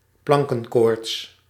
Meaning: stage fright
- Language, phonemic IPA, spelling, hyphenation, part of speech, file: Dutch, /ˈplɑŋ.kə(n)ˌkoːrts/, plankenkoorts, plan‧ken‧koorts, noun, Nl-plankenkoorts.ogg